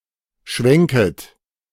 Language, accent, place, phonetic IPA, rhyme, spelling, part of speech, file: German, Germany, Berlin, [ˈʃvɛŋkət], -ɛŋkət, schwenket, verb, De-schwenket.ogg
- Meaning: second-person plural subjunctive I of schwenken